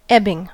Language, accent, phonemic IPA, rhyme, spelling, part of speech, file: English, US, /ˈɛbɪŋ/, -ɛbɪŋ, ebbing, verb / noun, En-us-ebbing.ogg
- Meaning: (verb) present participle and gerund of ebb; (noun) The action of something that ebbs